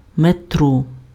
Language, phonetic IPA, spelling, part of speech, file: Ukrainian, [meˈtrɔ], метро, noun, Uk-метро.ogg
- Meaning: subway, underground, metro